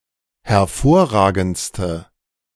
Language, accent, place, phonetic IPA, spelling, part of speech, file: German, Germany, Berlin, [hɛɐ̯ˈfoːɐ̯ˌʁaːɡn̩t͡stə], hervorragendste, adjective, De-hervorragendste.ogg
- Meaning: inflection of hervorragend: 1. strong/mixed nominative/accusative feminine singular superlative degree 2. strong nominative/accusative plural superlative degree